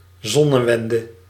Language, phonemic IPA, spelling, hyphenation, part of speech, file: Dutch, /ˈzɔ.nəˌʋɛn.də/, zonnewende, zon‧ne‧wen‧de, noun, Nl-zonnewende.ogg
- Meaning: solstice